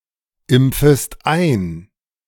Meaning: second-person singular subjunctive I of einimpfen
- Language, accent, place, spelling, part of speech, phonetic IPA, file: German, Germany, Berlin, impfest ein, verb, [ˌɪmp͡fəst ˈaɪ̯n], De-impfest ein.ogg